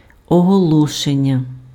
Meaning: 1. verbal noun of оголоси́ти pf (oholosýty): announcement (act of announcing) 2. announcement (that which conveys what is announced) 3. advertisement, notice, poster
- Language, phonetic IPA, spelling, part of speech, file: Ukrainian, [ɔɦɔˈɫɔʃenʲːɐ], оголошення, noun, Uk-оголошення.ogg